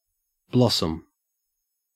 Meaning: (noun) 1. A flower, especially one indicating that a fruit tree is fruiting; (collectively) a mass of such flowers 2. The state or season of producing such flowers
- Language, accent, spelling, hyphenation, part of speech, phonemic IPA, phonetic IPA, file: English, Australia, blossom, blos‧som, noun / verb, /ˈblɔs.əm/, [ˈblɔs.m̩], En-au-blossom.ogg